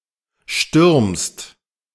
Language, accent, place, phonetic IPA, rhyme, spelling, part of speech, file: German, Germany, Berlin, [ʃtʏʁmst], -ʏʁmst, stürmst, verb, De-stürmst.ogg
- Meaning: second-person singular present of stürmen